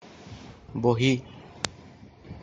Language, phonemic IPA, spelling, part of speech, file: Assamese, /boʱi/, বহী, noun, As-বহী.oga
- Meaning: notebook